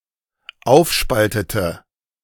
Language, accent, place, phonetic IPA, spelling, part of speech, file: German, Germany, Berlin, [ˈaʊ̯fˌʃpaltətə], aufspaltete, verb, De-aufspaltete.ogg
- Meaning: inflection of aufspalten: 1. first/third-person singular dependent preterite 2. first/third-person singular dependent subjunctive II